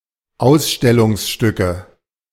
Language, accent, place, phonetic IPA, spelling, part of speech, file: German, Germany, Berlin, [ˈaʊ̯sʃtɛlʊŋsˌʃtʏkə], Ausstellungsstücke, noun, De-Ausstellungsstücke.ogg
- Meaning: nominative/accusative/genitive plural of Ausstellungsstück